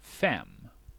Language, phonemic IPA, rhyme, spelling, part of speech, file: Swedish, /fɛm/, -ɛmː, fem, numeral, Sv-fem.ogg
- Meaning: five